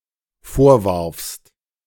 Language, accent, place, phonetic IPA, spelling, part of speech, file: German, Germany, Berlin, [ˈfoːɐ̯ˌvaʁfst], vorwarfst, verb, De-vorwarfst.ogg
- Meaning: second-person singular dependent preterite of vorwerfen